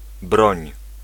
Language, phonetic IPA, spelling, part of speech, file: Polish, [brɔ̃ɲ], broń, noun / verb, Pl-broń.ogg